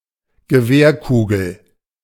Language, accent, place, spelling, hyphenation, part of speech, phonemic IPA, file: German, Germany, Berlin, Gewehrkugel, Ge‧wehr‧ku‧gel, noun, /ɡəˈveːɐ̯ˌkuːɡl̩/, De-Gewehrkugel.ogg
- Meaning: bullet (projectile fired from a gun)